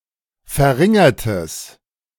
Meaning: strong/mixed nominative/accusative neuter singular of verringert
- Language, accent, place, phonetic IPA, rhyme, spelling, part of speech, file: German, Germany, Berlin, [fɛɐ̯ˈʁɪŋɐtəs], -ɪŋɐtəs, verringertes, adjective, De-verringertes.ogg